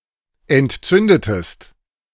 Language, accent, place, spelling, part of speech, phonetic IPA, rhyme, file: German, Germany, Berlin, entzündetest, verb, [ɛntˈt͡sʏndətəst], -ʏndətəst, De-entzündetest.ogg
- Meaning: inflection of entzünden: 1. second-person singular preterite 2. second-person singular subjunctive II